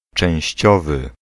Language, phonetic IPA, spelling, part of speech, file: Polish, [t͡ʃɛ̃w̃ɕˈt͡ɕɔvɨ], częściowy, adjective, Pl-częściowy.ogg